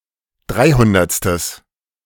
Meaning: strong/mixed nominative/accusative neuter singular of dreihundertste
- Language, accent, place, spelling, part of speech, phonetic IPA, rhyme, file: German, Germany, Berlin, dreihundertstes, adjective, [ˈdʁaɪ̯ˌhʊndɐt͡stəs], -aɪ̯hʊndɐt͡stəs, De-dreihundertstes.ogg